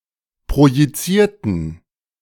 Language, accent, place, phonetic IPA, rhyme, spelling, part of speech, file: German, Germany, Berlin, [pʁojiˈt͡siːɐ̯tn̩], -iːɐ̯tn̩, projizierten, adjective / verb, De-projizierten.ogg
- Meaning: inflection of projizieren: 1. first/third-person plural preterite 2. first/third-person plural subjunctive II